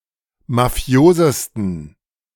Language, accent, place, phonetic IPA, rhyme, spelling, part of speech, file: German, Germany, Berlin, [maˈfi̯oːzəstn̩], -oːzəstn̩, mafiosesten, adjective, De-mafiosesten.ogg
- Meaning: 1. superlative degree of mafios 2. inflection of mafios: strong genitive masculine/neuter singular superlative degree